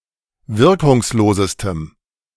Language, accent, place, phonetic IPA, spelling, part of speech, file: German, Germany, Berlin, [ˈvɪʁkʊŋsˌloːzəstəm], wirkungslosestem, adjective, De-wirkungslosestem.ogg
- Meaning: strong dative masculine/neuter singular superlative degree of wirkungslos